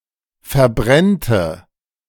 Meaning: first/third-person singular subjunctive II of verbrennen
- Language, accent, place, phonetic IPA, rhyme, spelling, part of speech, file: German, Germany, Berlin, [fɛɐ̯ˈbʁɛntə], -ɛntə, verbrennte, verb, De-verbrennte.ogg